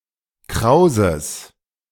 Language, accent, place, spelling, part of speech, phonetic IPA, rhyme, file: German, Germany, Berlin, krauses, adjective, [ˈkʁaʊ̯zəs], -aʊ̯zəs, De-krauses.ogg
- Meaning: strong/mixed nominative/accusative neuter singular of kraus